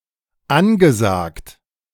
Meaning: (verb) past participle of ansagen; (adjective) fashionable, trendy
- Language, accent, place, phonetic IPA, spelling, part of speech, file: German, Germany, Berlin, [ˈanɡəˌzaːkt], angesagt, adjective / verb, De-angesagt.ogg